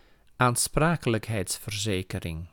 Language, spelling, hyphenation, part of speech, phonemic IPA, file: Dutch, aansprakelijkheidsverzekering, aan‧spra‧ke‧lijk‧heids‧ver‧ze‧ke‧ring, noun, /aːnˈspraː.kə.ləkˌɦɛi̯ts.vərˈzeː.kəˌrɪŋ/, Nl-aansprakelijkheidsverzekering.ogg
- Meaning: liability insurance